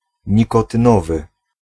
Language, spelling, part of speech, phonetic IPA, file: Polish, nikotynowy, adjective, [ˌɲikɔtɨ̃ˈnɔvɨ], Pl-nikotynowy.ogg